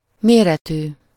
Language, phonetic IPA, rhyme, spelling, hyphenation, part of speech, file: Hungarian, [ˈmeːrɛtyː], -tyː, méretű, mé‧re‧tű, adjective, Hu-méretű.ogg
- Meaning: -sized, -size (having a named size)